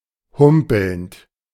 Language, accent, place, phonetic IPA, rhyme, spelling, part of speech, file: German, Germany, Berlin, [ˈhʊmpl̩nt], -ʊmpl̩nt, humpelnd, verb, De-humpelnd.ogg
- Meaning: present participle of humpeln